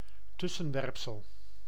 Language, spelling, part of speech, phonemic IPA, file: Dutch, tussenwerpsel, noun, /ˈtʏsə(n).ʋɛrpsəɫ/, Nl-tussenwerpsel.ogg
- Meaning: interjection